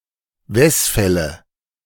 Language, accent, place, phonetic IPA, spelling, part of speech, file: German, Germany, Berlin, [ˈvɛsˌfɛlə], Wesfälle, noun, De-Wesfälle.ogg
- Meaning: nominative/accusative/genitive plural of Wesfall